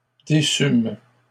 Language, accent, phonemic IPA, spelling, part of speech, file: French, Canada, /de.sym/, déçûmes, verb, LL-Q150 (fra)-déçûmes.wav
- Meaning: first-person plural past historic of décevoir